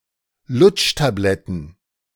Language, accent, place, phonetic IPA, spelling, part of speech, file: German, Germany, Berlin, [ˈlʊt͡ʃtaˌblɛtn̩], Lutschtabletten, noun, De-Lutschtabletten.ogg
- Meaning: plural of Lutschtablette